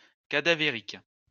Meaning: 1. cadaveric 2. cadaver-like (deathly pale)
- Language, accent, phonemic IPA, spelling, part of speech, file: French, France, /ka.da.ve.ʁik/, cadavérique, adjective, LL-Q150 (fra)-cadavérique.wav